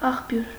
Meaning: 1. spring, fountain, source of water 2. the water flowing from a spring 3. a structure built upon a spring 4. source (place of origin of something) 5. source of information
- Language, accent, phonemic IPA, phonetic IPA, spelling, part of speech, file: Armenian, Eastern Armenian, /ɑχˈpjuɾ/, [ɑχpjúɾ], աղբյուր, noun, Hy-աղբյուր.ogg